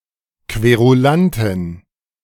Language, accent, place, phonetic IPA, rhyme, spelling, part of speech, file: German, Germany, Berlin, [kveʁuˈlantɪn], -antɪn, Querulantin, noun, De-Querulantin.ogg
- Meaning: female querulant